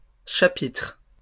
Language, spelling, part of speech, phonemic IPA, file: French, chapitres, noun, /ʃa.pitʁ/, LL-Q150 (fra)-chapitres.wav
- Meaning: plural of chapitre